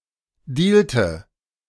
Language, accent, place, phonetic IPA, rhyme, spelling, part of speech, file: German, Germany, Berlin, [ˈdiːltə], -iːltə, dealte, verb, De-dealte.ogg
- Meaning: inflection of dealen: 1. first/third-person singular preterite 2. first/third-person singular subjunctive II